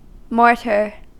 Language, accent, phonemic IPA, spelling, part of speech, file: English, US, /ˈmoɹtɚ/, mortar, noun / verb, En-us-mortar.ogg
- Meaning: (noun) 1. A mixture of lime or cement, sand and water used for bonding building blocks 2. A hollow vessel used to pound, crush, rub, grind or mix ingredients with a pestle